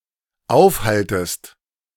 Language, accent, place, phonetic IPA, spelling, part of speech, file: German, Germany, Berlin, [ˈaʊ̯fˌhaltəst], aufhaltest, verb, De-aufhaltest.ogg
- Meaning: second-person singular dependent subjunctive I of aufhalten